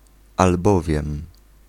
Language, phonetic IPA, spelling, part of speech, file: Polish, [alˈbɔvʲjɛ̃m], albowiem, conjunction, Pl-albowiem.ogg